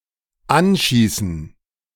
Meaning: to injure by shooting, to hit with shots
- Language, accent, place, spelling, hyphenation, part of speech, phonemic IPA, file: German, Germany, Berlin, anschießen, an‧schie‧ßen, verb, /ˈanˌʃiːsn̩/, De-anschießen.ogg